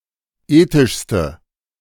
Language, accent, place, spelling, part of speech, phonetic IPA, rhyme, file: German, Germany, Berlin, ethischste, adjective, [ˈeːtɪʃstə], -eːtɪʃstə, De-ethischste.ogg
- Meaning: inflection of ethisch: 1. strong/mixed nominative/accusative feminine singular superlative degree 2. strong nominative/accusative plural superlative degree